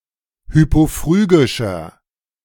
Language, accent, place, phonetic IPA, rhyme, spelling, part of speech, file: German, Germany, Berlin, [ˌhypoˈfʁyːɡɪʃɐ], -yːɡɪʃɐ, hypophrygischer, adjective, De-hypophrygischer.ogg
- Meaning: inflection of hypophrygisch: 1. strong/mixed nominative masculine singular 2. strong genitive/dative feminine singular 3. strong genitive plural